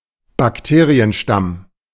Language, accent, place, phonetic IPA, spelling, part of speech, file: German, Germany, Berlin, [bakˈteːʁiənˌʃtam], Bakterienstamm, noun, De-Bakterienstamm.ogg
- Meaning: bacterial strain